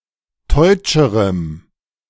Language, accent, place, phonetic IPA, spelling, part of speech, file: German, Germany, Berlin, [ˈtɔɪ̯t͡ʃəʁəm], teutscherem, adjective, De-teutscherem.ogg
- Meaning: strong dative masculine/neuter singular comparative degree of teutsch